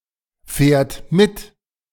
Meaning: third-person singular present of mitfahren
- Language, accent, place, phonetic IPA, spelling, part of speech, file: German, Germany, Berlin, [ˌfɛːɐ̯t ˈmɪt], fährt mit, verb, De-fährt mit.ogg